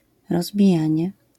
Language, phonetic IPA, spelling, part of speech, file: Polish, [ˌrɔzbʲiˈjä̃ɲɛ], rozbijanie, noun, LL-Q809 (pol)-rozbijanie.wav